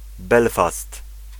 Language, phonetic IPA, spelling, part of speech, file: Polish, [ˈbɛlfast], Belfast, proper noun, Pl-Belfast.ogg